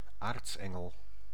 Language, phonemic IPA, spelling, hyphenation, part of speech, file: Dutch, /ˈaːrtsˌɛ.ŋəl/, aartsengel, aarts‧en‧gel, noun, Nl-aartsengel.ogg
- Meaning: archangel, member of a high one of the nine choirs (orders) of angels